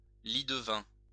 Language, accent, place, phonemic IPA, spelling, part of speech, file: French, France, Lyon, /li.d(ə).vɛ̃/, lie-de-vin, adjective, LL-Q150 (fra)-lie-de-vin.wav
- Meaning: wine (wine colour)